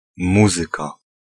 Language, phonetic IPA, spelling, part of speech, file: Polish, [ˈmuzɨka], muzyka, noun, Pl-muzyka.ogg